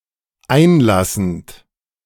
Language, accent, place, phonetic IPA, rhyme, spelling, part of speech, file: German, Germany, Berlin, [ˈaɪ̯nˌlasn̩t], -aɪ̯nlasn̩t, einlassend, verb, De-einlassend.ogg
- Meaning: present participle of einlassen